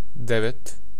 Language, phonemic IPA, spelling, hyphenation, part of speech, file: Serbo-Croatian, /dêʋet/, devet, de‧vet, numeral, Sr-devet.ogg
- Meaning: nine (9)